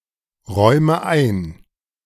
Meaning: inflection of einräumen: 1. first-person singular present 2. first/third-person singular subjunctive I 3. singular imperative
- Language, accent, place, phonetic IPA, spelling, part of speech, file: German, Germany, Berlin, [ˌʁɔɪ̯mə ˈaɪ̯n], räume ein, verb, De-räume ein.ogg